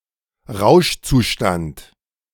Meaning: state of intoxication
- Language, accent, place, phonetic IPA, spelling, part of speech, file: German, Germany, Berlin, [ˈʁaʊ̯ʃt͡suˌʃtant], Rauschzustand, noun, De-Rauschzustand.ogg